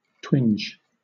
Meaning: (verb) 1. To have a sudden, pinching or sharp pain in a specific part of the body, like a twitch 2. To pull and twist
- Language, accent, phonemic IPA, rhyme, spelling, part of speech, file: English, Southern England, /twɪnd͡ʒ/, -ɪndʒ, twinge, verb / noun, LL-Q1860 (eng)-twinge.wav